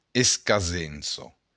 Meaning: occasion, fortune, luck, chance
- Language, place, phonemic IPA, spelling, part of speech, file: Occitan, Béarn, /eskaˈzenso/, escasença, noun, LL-Q14185 (oci)-escasença.wav